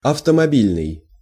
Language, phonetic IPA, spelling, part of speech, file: Russian, [ɐftəmɐˈbʲilʲnɨj], автомобильный, adjective, Ru-автомобильный.ogg
- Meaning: car, automobile